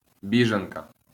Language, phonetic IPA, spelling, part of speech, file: Ukrainian, [ˈbʲiʒenkɐ], біженка, noun, LL-Q8798 (ukr)-біженка.wav
- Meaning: female equivalent of бі́женець (bíženecʹ): refugee